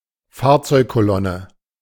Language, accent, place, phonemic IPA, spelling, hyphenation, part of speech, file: German, Germany, Berlin, /ˈfaːɐ̯t͡sɔɪ̯kkoˌlɔnə/, Fahrzeugkolonne, Fahr‧zeug‧ko‧lon‧ne, noun, De-Fahrzeugkolonne.ogg
- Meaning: motorcade, convoy